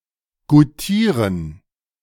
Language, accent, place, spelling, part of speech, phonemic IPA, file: German, Germany, Berlin, goutieren, verb, /ɡuˈtiːʁən/, De-goutieren.ogg
- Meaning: 1. to appreciate 2. to approve